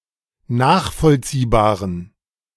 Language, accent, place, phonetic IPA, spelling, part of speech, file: German, Germany, Berlin, [ˈnaːxfɔlt͡siːbaːʁən], nachvollziehbaren, adjective, De-nachvollziehbaren.ogg
- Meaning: inflection of nachvollziehbar: 1. strong genitive masculine/neuter singular 2. weak/mixed genitive/dative all-gender singular 3. strong/weak/mixed accusative masculine singular 4. strong dative plural